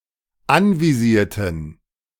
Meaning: inflection of anvisieren: 1. first/third-person plural dependent preterite 2. first/third-person plural dependent subjunctive II
- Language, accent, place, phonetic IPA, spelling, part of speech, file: German, Germany, Berlin, [ˈanviˌziːɐ̯tn̩], anvisierten, adjective / verb, De-anvisierten.ogg